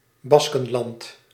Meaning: 1. Basque Country (a cultural region that straddles the border of Spain and France, where the Basque language is traditionally spoken) 2. Basque Country (an autonomous community in northern Spain)
- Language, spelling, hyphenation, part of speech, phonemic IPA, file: Dutch, Baskenland, Bas‧ken‧land, proper noun, /ˈbɑskənˌlɑnd/, Nl-Baskenland.ogg